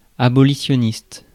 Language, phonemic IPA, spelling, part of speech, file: French, /a.bɔ.li.sjɔ.nist/, abolitionniste, adjective / noun, Fr-abolitionniste.ogg
- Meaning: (adjective) abolitionist